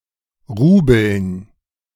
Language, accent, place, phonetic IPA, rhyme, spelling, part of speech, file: German, Germany, Berlin, [ˈʁuːbl̩n], -uːbl̩n, Rubeln, noun, De-Rubeln.ogg
- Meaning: dative plural of Rubel